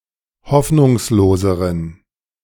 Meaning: inflection of hoffnungslos: 1. strong genitive masculine/neuter singular comparative degree 2. weak/mixed genitive/dative all-gender singular comparative degree
- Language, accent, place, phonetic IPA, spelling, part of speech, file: German, Germany, Berlin, [ˈhɔfnʊŋsloːzəʁən], hoffnungsloseren, adjective, De-hoffnungsloseren.ogg